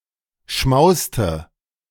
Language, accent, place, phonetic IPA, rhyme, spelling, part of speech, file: German, Germany, Berlin, [ˈʃmaʊ̯stə], -aʊ̯stə, schmauste, verb, De-schmauste.ogg
- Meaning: inflection of schmausen: 1. first/third-person singular preterite 2. first/third-person singular subjunctive II